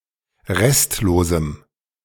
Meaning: strong dative masculine/neuter singular of restlos
- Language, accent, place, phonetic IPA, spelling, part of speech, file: German, Germany, Berlin, [ˈʁɛstloːzm̩], restlosem, adjective, De-restlosem.ogg